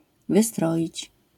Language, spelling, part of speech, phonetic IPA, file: Polish, wystroić, verb, [vɨˈstrɔʲit͡ɕ], LL-Q809 (pol)-wystroić.wav